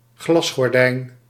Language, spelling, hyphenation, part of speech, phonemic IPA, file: Dutch, glasgordijn, glas‧gor‧dijn, noun, /ˈɣlɑs.xɔrˌdɛi̯n/, Nl-glasgordijn.ogg
- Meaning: glass curtain (translucent curtain)